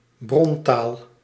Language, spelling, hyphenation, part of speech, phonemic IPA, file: Dutch, brontaal, bron‧taal, noun, /ˈbrɔnˌtaːl/, Nl-brontaal.ogg
- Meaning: source language